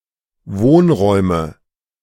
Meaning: nominative/accusative/genitive plural of Wohnraum
- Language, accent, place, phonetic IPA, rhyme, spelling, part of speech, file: German, Germany, Berlin, [ˈvoːnˌʁɔɪ̯mə], -oːnʁɔɪ̯mə, Wohnräume, noun, De-Wohnräume.ogg